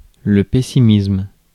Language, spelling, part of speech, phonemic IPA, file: French, pessimisme, noun, /pɛ.si.mism/, Fr-pessimisme.ogg
- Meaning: pessimism (general belief that bad things will happen)